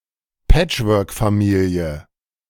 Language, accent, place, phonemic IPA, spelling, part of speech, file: German, Germany, Berlin, /ˈpɛt͡ʃvœʁkfaˌmiːli̯ə/, Patchworkfamilie, noun, De-Patchworkfamilie.ogg
- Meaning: blended family